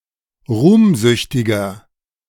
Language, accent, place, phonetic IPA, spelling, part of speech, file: German, Germany, Berlin, [ˈʁuːmˌzʏçtɪɡɐ], ruhmsüchtiger, adjective, De-ruhmsüchtiger.ogg
- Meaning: 1. comparative degree of ruhmsüchtig 2. inflection of ruhmsüchtig: strong/mixed nominative masculine singular 3. inflection of ruhmsüchtig: strong genitive/dative feminine singular